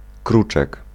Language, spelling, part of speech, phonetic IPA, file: Polish, kruczek, noun, [ˈkrut͡ʃɛk], Pl-kruczek.ogg